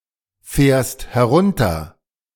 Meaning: second-person singular present of herunterfahren
- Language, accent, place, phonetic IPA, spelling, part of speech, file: German, Germany, Berlin, [ˌfɛːɐ̯st hɛˈʁʊntɐ], fährst herunter, verb, De-fährst herunter.ogg